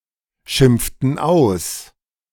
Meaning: inflection of ausschimpfen: 1. first/third-person plural preterite 2. first/third-person plural subjunctive II
- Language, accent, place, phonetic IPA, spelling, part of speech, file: German, Germany, Berlin, [ˌʃɪmp͡ftn̩ ˈaʊ̯s], schimpften aus, verb, De-schimpften aus.ogg